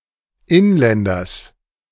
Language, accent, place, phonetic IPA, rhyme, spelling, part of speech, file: German, Germany, Berlin, [ˈɪnˌlɛndɐs], -ɪnlɛndɐs, Inländers, noun, De-Inländers.ogg
- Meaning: genitive singular of Inländer